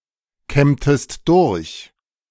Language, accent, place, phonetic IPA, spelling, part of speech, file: German, Germany, Berlin, [ˌkɛmtəst ˈdʊʁç], kämmtest durch, verb, De-kämmtest durch.ogg
- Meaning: inflection of durchkämmen: 1. second-person singular preterite 2. second-person singular subjunctive II